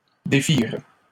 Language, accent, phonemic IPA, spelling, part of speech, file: French, Canada, /de.fiʁ/, défirent, verb, LL-Q150 (fra)-défirent.wav
- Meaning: third-person plural past historic of défaire